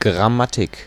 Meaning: grammar
- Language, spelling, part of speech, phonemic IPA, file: German, Grammatik, noun, /ɡʁaˈmatɪk/, De-Grammatik.ogg